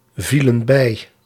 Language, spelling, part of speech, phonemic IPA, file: Dutch, vielen bij, verb, /ˈvilə(n) ˈbɛi/, Nl-vielen bij.ogg
- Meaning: inflection of bijvallen: 1. plural past indicative 2. plural past subjunctive